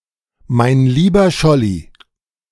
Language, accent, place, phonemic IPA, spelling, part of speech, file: German, Germany, Berlin, /maɪ̯n ˈliːbɐ ˈʃɔli/, mein lieber Scholli, interjection, De-mein lieber Scholli.ogg
- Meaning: synonym of mein lieber Schwan